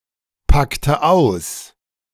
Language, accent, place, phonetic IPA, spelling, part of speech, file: German, Germany, Berlin, [ˌpaktə ˈaʊ̯s], packte aus, verb, De-packte aus.ogg
- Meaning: inflection of auspacken: 1. first/third-person singular preterite 2. first/third-person singular subjunctive II